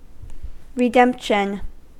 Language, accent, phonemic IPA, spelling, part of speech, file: English, US, /ɹɪˈdɛmpʃən/, redemption, noun, En-us-redemption.ogg
- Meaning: 1. The act of redeeming or something redeemed 2. The recovery, for a fee, of a pawned article 3. The conversion (of a security) into cash 4. Salvation from sin 5. Rescue upon payment of a ransom